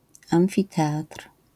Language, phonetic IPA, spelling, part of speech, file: Polish, [ˌãw̃fʲiˈtɛatr̥], amfiteatr, noun, LL-Q809 (pol)-amfiteatr.wav